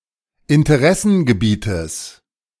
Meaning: genitive of Interessengebiet
- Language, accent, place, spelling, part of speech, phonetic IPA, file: German, Germany, Berlin, Interessengebietes, noun, [ɪntəˈʁɛsn̩ɡəˌbiːtəs], De-Interessengebietes.ogg